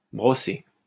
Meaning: past participle of brosser
- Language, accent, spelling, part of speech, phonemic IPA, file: French, France, brossé, verb, /bʁɔ.se/, LL-Q150 (fra)-brossé.wav